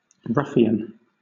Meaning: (noun) 1. A scoundrel, rascal, or unprincipled, deceitful, brutal and unreliable person 2. A pimp; a pander 3. A lover; a paramour; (verb) To play the ruffian; to rage; to raise tumult
- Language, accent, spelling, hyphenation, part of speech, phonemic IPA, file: English, Southern England, ruffian, ruf‧fi‧an, noun / verb / adjective, /ˈɹʌfi.ən/, LL-Q1860 (eng)-ruffian.wav